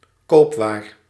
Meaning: merchandise
- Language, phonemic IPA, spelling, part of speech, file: Dutch, /ˈkopwar/, koopwaar, noun, Nl-koopwaar.ogg